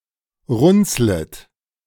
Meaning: second-person plural subjunctive I of runzeln
- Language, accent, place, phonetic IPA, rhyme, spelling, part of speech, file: German, Germany, Berlin, [ˈʁʊnt͡slət], -ʊnt͡slət, runzlet, verb, De-runzlet.ogg